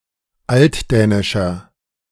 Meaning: inflection of altdänisch: 1. strong/mixed nominative masculine singular 2. strong genitive/dative feminine singular 3. strong genitive plural
- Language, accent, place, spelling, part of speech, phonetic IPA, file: German, Germany, Berlin, altdänischer, adjective, [ˈaltˌdɛːnɪʃɐ], De-altdänischer.ogg